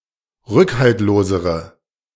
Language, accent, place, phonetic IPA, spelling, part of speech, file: German, Germany, Berlin, [ˈʁʏkhaltloːzəʁə], rückhaltlosere, adjective, De-rückhaltlosere.ogg
- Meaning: inflection of rückhaltlos: 1. strong/mixed nominative/accusative feminine singular comparative degree 2. strong nominative/accusative plural comparative degree